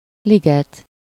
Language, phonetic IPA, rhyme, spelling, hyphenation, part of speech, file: Hungarian, [ˈliɡɛt], -ɛt, liget, li‧get, noun, Hu-liget.ogg
- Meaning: grove (a medium-sized collection of trees), park (in the most common English translation of Városliget and Népliget)